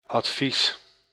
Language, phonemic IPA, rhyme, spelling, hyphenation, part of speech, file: Dutch, /ɑtˈfis/, -is, advies, ad‧vies, noun, Nl-advies.ogg
- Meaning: advice